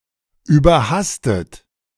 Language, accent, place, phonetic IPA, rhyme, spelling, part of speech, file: German, Germany, Berlin, [yːbɐˈhastət], -astət, überhastet, adjective / verb, De-überhastet.ogg
- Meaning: overly hasty